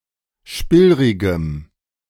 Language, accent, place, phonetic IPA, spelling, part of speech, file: German, Germany, Berlin, [ˈʃpɪlʁɪɡəm], spillrigem, adjective, De-spillrigem.ogg
- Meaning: strong dative masculine/neuter singular of spillrig